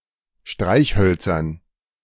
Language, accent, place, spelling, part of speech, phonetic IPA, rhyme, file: German, Germany, Berlin, Streichhölzern, noun, [ˈʃtʁaɪ̯çˌhœlt͡sɐn], -aɪ̯çhœlt͡sɐn, De-Streichhölzern.ogg
- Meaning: dative plural of Streichholz